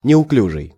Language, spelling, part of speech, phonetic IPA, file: Russian, неуклюжий, adjective, [nʲɪʊˈklʲuʐɨj], Ru-неуклюжий.ogg
- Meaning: clumsy, awkward